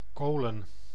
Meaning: 1. plural of kool 2. coal, especially in pieces
- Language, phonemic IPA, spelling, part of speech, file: Dutch, /ˈkolə(n)/, kolen, noun, Nl-kolen.ogg